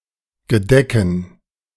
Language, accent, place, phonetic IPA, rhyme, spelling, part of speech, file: German, Germany, Berlin, [ɡəˈdɛkn̩], -ɛkn̩, Gedecken, noun, De-Gedecken.ogg
- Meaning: dative plural of Gedeck